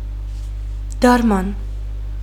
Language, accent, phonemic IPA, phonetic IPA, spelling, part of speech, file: Armenian, Western Armenian, /tɑɾˈmɑn/, [tʰɑɾmɑ́n], դարման, noun, HyW-դարման.ogg
- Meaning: 1. medicine, cure, remedy 2. remedy, solution, way out 3. solace, comfort, consolation 4. fodder